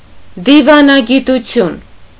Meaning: diplomacy
- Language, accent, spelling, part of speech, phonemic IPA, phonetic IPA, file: Armenian, Eastern Armenian, դիվանագիտություն, noun, /divɑnɑɡituˈtʰjun/, [divɑnɑɡitut͡sʰjún], Hy-դիվանագիտություն.ogg